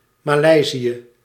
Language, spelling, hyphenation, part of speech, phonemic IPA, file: Dutch, Maleisië, Ma‧lei‧sië, proper noun, /ˌmaːˈlɛi̯.zi.ə/, Nl-Maleisië.ogg
- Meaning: Malaysia (a country in Southeast Asia)